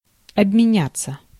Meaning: to exchange, to swap
- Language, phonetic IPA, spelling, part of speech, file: Russian, [ɐbmʲɪˈnʲat͡sːə], обменяться, verb, Ru-обменяться.ogg